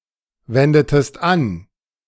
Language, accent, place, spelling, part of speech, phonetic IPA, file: German, Germany, Berlin, wendetest an, verb, [ˌvɛndətəst ˈan], De-wendetest an.ogg
- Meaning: inflection of anwenden: 1. second-person singular preterite 2. second-person singular subjunctive II